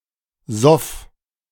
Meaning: first/third-person singular preterite of saufen
- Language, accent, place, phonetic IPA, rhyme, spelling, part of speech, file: German, Germany, Berlin, [zɔf], -ɔf, soff, verb, De-soff.ogg